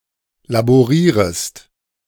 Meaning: second-person singular subjunctive I of laborieren
- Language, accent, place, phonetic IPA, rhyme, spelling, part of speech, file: German, Germany, Berlin, [laboˈʁiːʁəst], -iːʁəst, laborierest, verb, De-laborierest.ogg